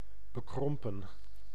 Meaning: narrow-minded, prejudiced
- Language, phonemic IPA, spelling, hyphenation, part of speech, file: Dutch, /bəˈkrɔm.pə(n)/, bekrompen, be‧krom‧pen, adjective, Nl-bekrompen.ogg